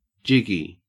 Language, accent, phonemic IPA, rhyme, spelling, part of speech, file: English, Australia, /ˈd͡ʒɪɡi/, -ɪɡi, jiggy, adjective, En-au-jiggy.ogg
- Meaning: 1. Resembling or suggesting a jig 2. Crazy 3. Jittery, fidgety, restless, excited 4. Extravagant, wonderful, excellent, enjoyable, exciting, stylish, cool, successful